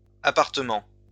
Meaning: plural of appartement
- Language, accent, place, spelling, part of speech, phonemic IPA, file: French, France, Lyon, appartements, noun, /a.paʁ.tə.mɑ̃/, LL-Q150 (fra)-appartements.wav